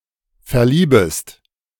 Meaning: second-person singular subjunctive I of verlieben
- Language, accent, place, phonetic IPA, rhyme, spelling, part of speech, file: German, Germany, Berlin, [fɛɐ̯ˈliːbəst], -iːbəst, verliebest, verb, De-verliebest.ogg